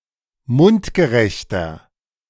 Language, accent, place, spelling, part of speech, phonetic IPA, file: German, Germany, Berlin, mundgerechter, adjective, [ˈmʊntɡəˌʁɛçtɐ], De-mundgerechter.ogg
- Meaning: 1. comparative degree of mundgerecht 2. inflection of mundgerecht: strong/mixed nominative masculine singular 3. inflection of mundgerecht: strong genitive/dative feminine singular